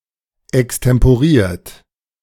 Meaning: 1. past participle of extemporieren 2. inflection of extemporieren: third-person singular present 3. inflection of extemporieren: second-person plural present
- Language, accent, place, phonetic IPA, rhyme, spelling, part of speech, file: German, Germany, Berlin, [ɛkstɛmpoˈʁiːɐ̯t], -iːɐ̯t, extemporiert, verb, De-extemporiert.ogg